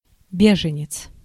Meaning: 1. refugee 2. asylum seeker (one who seeks asylum)
- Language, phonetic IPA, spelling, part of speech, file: Russian, [ˈbʲeʐɨnʲɪt͡s], беженец, noun, Ru-беженец.ogg